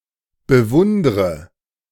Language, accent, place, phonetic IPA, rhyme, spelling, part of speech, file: German, Germany, Berlin, [bəˈvʊndʁə], -ʊndʁə, bewundre, verb, De-bewundre.ogg
- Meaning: inflection of bewundern: 1. first-person singular present 2. first/third-person singular subjunctive I 3. singular imperative